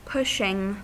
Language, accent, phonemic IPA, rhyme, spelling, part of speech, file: English, US, /ˈpʊʃɪŋ/, -ʊʃɪŋ, pushing, verb / adjective / noun, En-us-pushing.ogg
- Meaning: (verb) present participle and gerund of push; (adjective) 1. That pushes forward; pressing, driving 2. Aggressively assertive; pushy; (noun) The act by which something is pushed